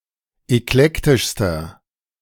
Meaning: inflection of eklektisch: 1. strong/mixed nominative masculine singular superlative degree 2. strong genitive/dative feminine singular superlative degree 3. strong genitive plural superlative degree
- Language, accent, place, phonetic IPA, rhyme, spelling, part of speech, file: German, Germany, Berlin, [ɛkˈlɛktɪʃstɐ], -ɛktɪʃstɐ, eklektischster, adjective, De-eklektischster.ogg